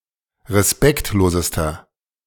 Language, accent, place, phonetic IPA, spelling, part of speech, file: German, Germany, Berlin, [ʁeˈspɛktloːzəstɐ], respektlosester, adjective, De-respektlosester.ogg
- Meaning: inflection of respektlos: 1. strong/mixed nominative masculine singular superlative degree 2. strong genitive/dative feminine singular superlative degree 3. strong genitive plural superlative degree